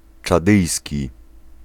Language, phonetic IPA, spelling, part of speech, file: Polish, [t͡ʃaˈdɨjsʲci], czadyjski, adjective, Pl-czadyjski.ogg